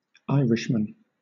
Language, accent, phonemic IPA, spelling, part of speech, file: English, Southern England, /ˈaɪɹɪʃmən/, Irishman, noun, LL-Q1860 (eng)-Irishman.wav
- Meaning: A man from Ireland